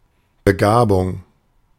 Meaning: talent, gift
- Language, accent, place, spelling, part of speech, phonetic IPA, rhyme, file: German, Germany, Berlin, Begabung, noun, [bəˈɡaːbʊŋ], -aːbʊŋ, De-Begabung.ogg